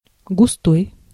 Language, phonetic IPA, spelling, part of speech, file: Russian, [ɡʊˈstoj], густой, adjective, Ru-густой.ogg
- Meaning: 1. dense (having a viscous consistency) 2. thick, viscous (having a viscous consistency; of liquid, fog, smoke, etc.) 3. rich, deep, heavy (of a sound or voice) 4. dark, deep (of a color)